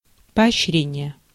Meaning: encouragement, incentive, reward
- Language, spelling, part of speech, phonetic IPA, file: Russian, поощрение, noun, [pɐɐɕːˈrʲenʲɪje], Ru-поощрение.ogg